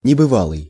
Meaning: 1. unprecedented, unheard-of 2. imaginary, fantastic
- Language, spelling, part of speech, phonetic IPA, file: Russian, небывалый, adjective, [nʲɪbɨˈvaɫɨj], Ru-небывалый.ogg